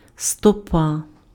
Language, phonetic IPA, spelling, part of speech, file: Ukrainian, [stɔˈpa], стопа, noun, Uk-стопа.ogg
- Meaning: 1. foot 2. leg 3. foothill 4. stack 5. pre-metric Russian ream, equal to 480 sheets of paper 6. former unit of length in various Slavic countries, about one foot